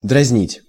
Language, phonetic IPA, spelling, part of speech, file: Russian, [drɐzʲˈnʲitʲ], дразнить, verb, Ru-дразнить.ogg
- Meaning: 1. to tease, to pester 2. to whet (appetite), to stimulate (curiosity)